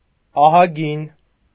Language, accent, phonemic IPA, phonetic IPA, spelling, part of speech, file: Armenian, Eastern Armenian, /ɑhɑˈɡin/, [ɑhɑɡín], ահագին, adjective, Hy-ահագին.ogg
- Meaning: 1. very big 2. very numerous; a lot